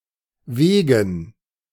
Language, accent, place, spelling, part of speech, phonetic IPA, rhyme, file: German, Germany, Berlin, Wegen, noun, [ˈveːɡn̩], -eːɡn̩, De-Wegen.ogg
- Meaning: dative plural of Weg